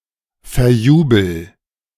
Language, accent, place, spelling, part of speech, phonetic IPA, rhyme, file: German, Germany, Berlin, verjubel, verb, [fɛɐ̯ˈjuːbl̩], -uːbl̩, De-verjubel.ogg
- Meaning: inflection of verjubeln: 1. first-person singular present 2. singular imperative